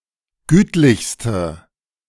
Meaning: inflection of gütlich: 1. strong/mixed nominative/accusative feminine singular superlative degree 2. strong nominative/accusative plural superlative degree
- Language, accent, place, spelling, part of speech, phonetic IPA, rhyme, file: German, Germany, Berlin, gütlichste, adjective, [ˈɡyːtlɪçstə], -yːtlɪçstə, De-gütlichste.ogg